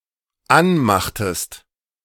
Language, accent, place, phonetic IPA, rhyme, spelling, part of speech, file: German, Germany, Berlin, [ˈanˌmaxtəst], -anmaxtəst, anmachtest, verb, De-anmachtest.ogg
- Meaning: inflection of anmachen: 1. second-person singular dependent preterite 2. second-person singular dependent subjunctive II